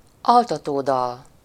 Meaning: lullaby, cradle song (a soothing song to calm children or lull them to sleep)
- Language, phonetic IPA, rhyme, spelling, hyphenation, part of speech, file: Hungarian, [ˈɒltɒtoːdɒl], -ɒl, altatódal, al‧ta‧tó‧dal, noun, Hu-altatódal.ogg